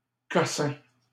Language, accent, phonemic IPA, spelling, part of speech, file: French, Canada, /kɔ.sɛ̃/, cossin, noun, LL-Q150 (fra)-cossin.wav
- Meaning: any small-sized object, especially of little value or interest